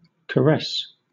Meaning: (noun) 1. An act of endearment; any act or expression of affection; an embracing, or touching, with tenderness 2. A gentle stroking or rubbing; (verb) To touch or kiss lovingly; to fondle
- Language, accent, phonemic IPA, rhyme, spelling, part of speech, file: English, Southern England, /kəˈɹɛs/, -ɛs, caress, noun / verb, LL-Q1860 (eng)-caress.wav